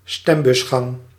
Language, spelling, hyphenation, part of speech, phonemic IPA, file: Dutch, stembusgang, stem‧bus‧gang, noun, /ˈstɛm.bʏsˌxɑŋ/, Nl-stembusgang.ogg
- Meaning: election (the action of voting in an election)